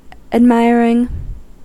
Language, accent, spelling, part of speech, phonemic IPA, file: English, US, admiring, adjective / verb / noun, /ædˈmaɪ.ɚ.ɪŋ/, En-us-admiring.ogg
- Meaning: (adjective) Feeling or showing admiration; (verb) present participle and gerund of admire; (noun) admiration